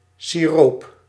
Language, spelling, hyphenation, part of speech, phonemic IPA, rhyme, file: Dutch, siroop, si‧roop, noun, /siˈroːp/, -oːp, Nl-siroop.ogg
- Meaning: 1. syrup, especially an inviscid variety 2. a soft drink made from a fruit-based concentrate diluted with water; squash 3. the concentrate from which said soft drink is made